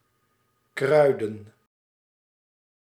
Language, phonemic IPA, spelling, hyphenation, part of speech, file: Dutch, /ˈkrœy̯.də(n)/, kruiden, krui‧den, noun / verb, Nl-kruiden.ogg
- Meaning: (noun) the act of spicing up; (verb) to season, to spice; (noun) plural of kruid; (verb) inflection of kruien: 1. plural past indicative 2. plural past subjunctive